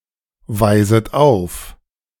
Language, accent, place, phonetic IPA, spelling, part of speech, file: German, Germany, Berlin, [ˌvaɪ̯zət ˈaʊ̯f], weiset auf, verb, De-weiset auf.ogg
- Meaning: second-person plural subjunctive I of aufweisen